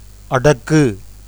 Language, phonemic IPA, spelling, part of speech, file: Tamil, /ɐɖɐkːɯ/, அடக்கு, verb, Ta-அடக்கு.ogg
- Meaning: 1. to control 2. to constrain, repress, coerce, tame 3. to condense, abbreviate 4. to pack, stow away 5. to hide, conceal 6. to bury